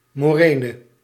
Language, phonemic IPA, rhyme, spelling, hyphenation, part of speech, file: Dutch, /ˌmoːˈreː.nə/, -eːnə, morene, mo‧re‧ne, noun, Nl-morene.ogg
- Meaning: 1. moraine, deposit of rocks formed by a glacier 2. glacially formed landscape